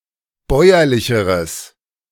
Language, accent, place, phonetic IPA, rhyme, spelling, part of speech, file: German, Germany, Berlin, [ˈbɔɪ̯ɐlɪçəʁəs], -ɔɪ̯ɐlɪçəʁəs, bäuerlicheres, adjective, De-bäuerlicheres.ogg
- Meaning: strong/mixed nominative/accusative neuter singular comparative degree of bäuerlich